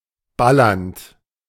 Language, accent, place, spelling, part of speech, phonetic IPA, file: German, Germany, Berlin, ballernd, verb, [ˈbalɐnt], De-ballernd.ogg
- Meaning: present participle of ballern